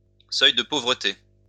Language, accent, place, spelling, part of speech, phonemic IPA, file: French, France, Lyon, seuil de pauvreté, noun, /sœj də po.vʁə.te/, LL-Q150 (fra)-seuil de pauvreté.wav
- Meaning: poverty line